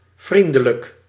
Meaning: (adjective) friendly, kind; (adverb) friendly, kindly
- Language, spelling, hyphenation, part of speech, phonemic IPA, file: Dutch, vriendelijk, vrien‧de‧lijk, adjective / adverb, /ˈvrindələk/, Nl-vriendelijk.ogg